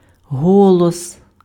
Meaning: 1. voice 2. vote
- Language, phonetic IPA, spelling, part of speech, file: Ukrainian, [ˈɦɔɫɔs], голос, noun, Uk-голос.ogg